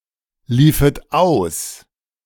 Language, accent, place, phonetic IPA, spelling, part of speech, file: German, Germany, Berlin, [ˌliːfət ˈaʊ̯s], liefet aus, verb, De-liefet aus.ogg
- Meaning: second-person plural subjunctive II of auslaufen